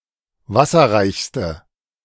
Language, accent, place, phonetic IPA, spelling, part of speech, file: German, Germany, Berlin, [ˈvasɐʁaɪ̯çstə], wasserreichste, adjective, De-wasserreichste.ogg
- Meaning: inflection of wasserreich: 1. strong/mixed nominative/accusative feminine singular superlative degree 2. strong nominative/accusative plural superlative degree